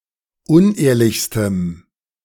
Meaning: strong dative masculine/neuter singular superlative degree of unehrlich
- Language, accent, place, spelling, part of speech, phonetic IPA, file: German, Germany, Berlin, unehrlichstem, adjective, [ˈʊnˌʔeːɐ̯lɪçstəm], De-unehrlichstem.ogg